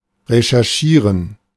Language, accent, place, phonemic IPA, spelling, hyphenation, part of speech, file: German, Germany, Berlin, /reʃɛrˈʃiːrən/, recherchieren, re‧cher‧chie‧ren, verb, De-recherchieren.ogg
- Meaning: to research, to investigate